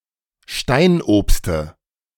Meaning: dative of Steinobst
- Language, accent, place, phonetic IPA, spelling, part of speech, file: German, Germany, Berlin, [ˈʃtaɪ̯nʔoːpstə], Steinobste, noun, De-Steinobste.ogg